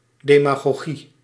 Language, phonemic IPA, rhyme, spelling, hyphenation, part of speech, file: Dutch, /ˌdeː.maː.ɣoːˈɣi/, -i, demagogie, de‧ma‧go‧gie, noun, Nl-demagogie.ogg
- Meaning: demagoguery